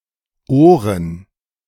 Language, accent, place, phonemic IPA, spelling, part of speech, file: German, Germany, Berlin, /ˈoːrən/, Ohren, noun, De-Ohren2.ogg
- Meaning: plural of Ohr (“ears”)